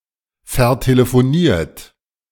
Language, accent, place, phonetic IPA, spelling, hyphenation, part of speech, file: German, Germany, Berlin, [fɛɐ̯teləfoˈniːɐ̯t], vertelefoniert, ver‧te‧le‧fo‧niert, verb, De-vertelefoniert.ogg
- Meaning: 1. past participle of vertelefonieren 2. inflection of vertelefonieren: third-person singular present 3. inflection of vertelefonieren: second-person plural present